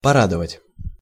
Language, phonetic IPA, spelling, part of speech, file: Russian, [pɐˈradəvətʲ], порадовать, verb, Ru-порадовать.ogg
- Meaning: to gladden, to please, to rejoice, to make happy